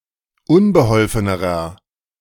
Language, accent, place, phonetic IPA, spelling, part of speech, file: German, Germany, Berlin, [ˈʊnbəˌhɔlfənəʁɐ], unbeholfenerer, adjective, De-unbeholfenerer.ogg
- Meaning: inflection of unbeholfen: 1. strong/mixed nominative masculine singular comparative degree 2. strong genitive/dative feminine singular comparative degree 3. strong genitive plural comparative degree